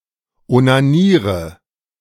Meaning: inflection of onanieren: 1. first-person singular present 2. singular imperative 3. first/third-person singular subjunctive I
- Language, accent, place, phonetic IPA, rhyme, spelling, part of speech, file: German, Germany, Berlin, [onaˈniːʁə], -iːʁə, onaniere, verb, De-onaniere.ogg